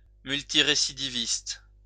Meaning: multirecidivist, persistent offender
- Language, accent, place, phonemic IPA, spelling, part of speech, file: French, France, Lyon, /myl.ti.ʁe.si.di.vist/, multirécidiviste, noun, LL-Q150 (fra)-multirécidiviste.wav